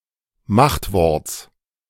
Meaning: genitive singular of Machtwort
- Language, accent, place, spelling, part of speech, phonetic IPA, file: German, Germany, Berlin, Machtworts, noun, [ˈmaxtˌvɔʁt͡s], De-Machtworts.ogg